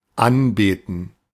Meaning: to worship, to adore
- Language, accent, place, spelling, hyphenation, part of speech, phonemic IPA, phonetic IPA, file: German, Germany, Berlin, anbeten, an‧be‧ten, verb, /ˈanˌbeːtən/, [ˈʔanˌbeːtn̩], De-anbeten.ogg